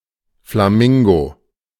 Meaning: flamingo
- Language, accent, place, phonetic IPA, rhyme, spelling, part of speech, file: German, Germany, Berlin, [flaˈmɪŋɡo], -ɪŋɡo, Flamingo, noun, De-Flamingo.ogg